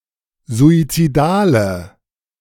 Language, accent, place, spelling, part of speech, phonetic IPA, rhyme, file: German, Germany, Berlin, suizidale, adjective, [zuit͡siˈdaːlə], -aːlə, De-suizidale.ogg
- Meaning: inflection of suizidal: 1. strong/mixed nominative/accusative feminine singular 2. strong nominative/accusative plural 3. weak nominative all-gender singular